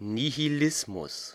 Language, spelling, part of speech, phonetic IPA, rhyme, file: German, Nihilismus, noun, [ˌnihiˈlɪsmʊs], -ɪsmʊs, De-Nihilismus.ogg
- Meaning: nihilism